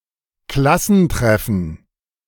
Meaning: class reunion
- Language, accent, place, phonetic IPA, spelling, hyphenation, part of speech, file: German, Germany, Berlin, [ˈklasn̩ˌtʁɛfn̩], Klassentreffen, Klas‧sen‧tref‧fen, noun, De-Klassentreffen.ogg